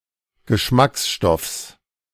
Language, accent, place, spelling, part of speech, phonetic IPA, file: German, Germany, Berlin, Geschmacksstoffs, noun, [ɡəˈʃmaksˌʃtɔfs], De-Geschmacksstoffs.ogg
- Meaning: genitive singular of Geschmacksstoff